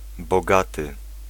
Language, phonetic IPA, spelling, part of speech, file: Polish, [bɔˈɡatɨ], bogaty, adjective, Pl-bogaty.ogg